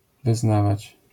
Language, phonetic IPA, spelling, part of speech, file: Polish, [vɨˈznavat͡ɕ], wyznawać, verb, LL-Q809 (pol)-wyznawać.wav